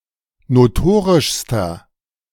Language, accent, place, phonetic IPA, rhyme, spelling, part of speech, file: German, Germany, Berlin, [noˈtoːʁɪʃstɐ], -oːʁɪʃstɐ, notorischster, adjective, De-notorischster.ogg
- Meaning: inflection of notorisch: 1. strong/mixed nominative masculine singular superlative degree 2. strong genitive/dative feminine singular superlative degree 3. strong genitive plural superlative degree